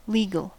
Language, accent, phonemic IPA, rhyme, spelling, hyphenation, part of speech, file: English, US, /ˈli.ɡəl/, -iːɡəl, legal, le‧gal, adjective / noun, En-us-legal.ogg
- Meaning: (adjective) 1. Relating to the law or to lawyers 2. Having its basis in the law 3. Being established, permitted, required or prescribed by law